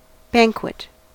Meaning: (noun) 1. A large celebratory meal; a feast 2. A ceremonial dinner party for many people 3. A dessert; a course of sweetmeats; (verb) To participate in a banquet; to feast
- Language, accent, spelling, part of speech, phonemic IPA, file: English, US, banquet, noun / verb, /ˈbæŋkwɪt/, En-us-banquet.ogg